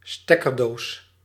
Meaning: multiple socket; power strip
- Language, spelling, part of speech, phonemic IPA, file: Dutch, stekkerdoos, noun, /ˈstɛkərˌdos/, Nl-stekkerdoos.ogg